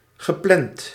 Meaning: past participle of plannen
- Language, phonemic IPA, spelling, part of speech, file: Dutch, /ɣəˈplɛnt/, gepland, verb, Nl-gepland.ogg